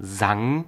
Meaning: past of singen
- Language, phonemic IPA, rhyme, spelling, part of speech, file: German, /zaŋ/, -aŋ, sang, verb, De-sang.ogg